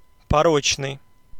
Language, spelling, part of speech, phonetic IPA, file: Russian, порочный, adjective, [pɐˈrot͡ɕnɨj], Ru-порочный.ogg
- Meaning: 1. immoral, vicious, depraved, wanton 2. faulty, defective, flawed, fallacious